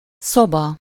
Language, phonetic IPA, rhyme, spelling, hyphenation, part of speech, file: Hungarian, [ˈsobɒ], -bɒ, szoba, szo‧ba, noun, Hu-szoba.ogg
- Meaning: room (a division of a building enclosed by walls, floor, and ceiling)